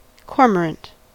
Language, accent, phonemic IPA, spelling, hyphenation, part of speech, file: English, General American, /ˈkɔɹməɹənt/, cormorant, cor‧mor‧ant, noun / adjective, En-us-cormorant.ogg